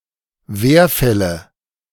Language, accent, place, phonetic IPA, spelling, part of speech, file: German, Germany, Berlin, [ˈveːɐ̯ˌfɛlə], Werfälle, noun, De-Werfälle.ogg
- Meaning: nominative/accusative/genitive plural of Werfall